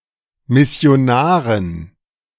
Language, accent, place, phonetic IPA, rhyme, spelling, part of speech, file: German, Germany, Berlin, [ˌmɪsi̯oˈnaːʁən], -aːʁən, Missionaren, noun, De-Missionaren.ogg
- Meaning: dative plural of Missionar